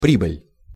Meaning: 1. rise, increase, growth, increment 2. profit, gain, benefit, increment, return, earning 3. runner, riser, head
- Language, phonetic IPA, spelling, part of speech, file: Russian, [ˈprʲibɨlʲ], прибыль, noun, Ru-прибыль.ogg